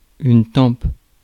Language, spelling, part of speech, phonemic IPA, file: French, tempe, noun, /tɑ̃p/, Fr-tempe.ogg
- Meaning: temple